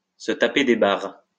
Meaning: to laugh one's head off
- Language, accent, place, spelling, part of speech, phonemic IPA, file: French, France, Lyon, se taper des barres, verb, /sə ta.pe de baʁ/, LL-Q150 (fra)-se taper des barres.wav